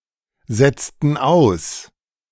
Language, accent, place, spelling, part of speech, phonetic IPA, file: German, Germany, Berlin, setzten aus, verb, [ˌzɛt͡stn̩ ˈaʊ̯s], De-setzten aus.ogg
- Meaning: inflection of aussetzen: 1. first/third-person plural preterite 2. first/third-person plural subjunctive II